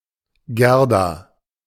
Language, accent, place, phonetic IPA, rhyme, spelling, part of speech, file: German, Germany, Berlin, [ˈɡɛʁda], -ɛʁda, Gerda, proper noun, De-Gerda.ogg
- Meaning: a female given name